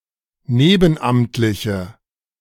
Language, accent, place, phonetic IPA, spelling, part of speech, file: German, Germany, Berlin, [ˈneːbn̩ˌʔamtlɪçə], nebenamtliche, adjective, De-nebenamtliche.ogg
- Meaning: inflection of nebenamtlich: 1. strong/mixed nominative/accusative feminine singular 2. strong nominative/accusative plural 3. weak nominative all-gender singular